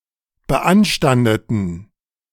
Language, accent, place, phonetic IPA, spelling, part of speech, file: German, Germany, Berlin, [bəˈʔanʃtandətn̩], beanstandeten, adjective / verb, De-beanstandeten.ogg
- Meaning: inflection of beanstanden: 1. first/third-person plural preterite 2. first/third-person plural subjunctive II